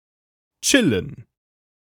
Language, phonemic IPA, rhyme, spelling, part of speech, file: German, /ˈtʃɪlən/, -ɪlən, chillen, verb, De-chillen.ogg
- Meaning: to chill (in the informal sense)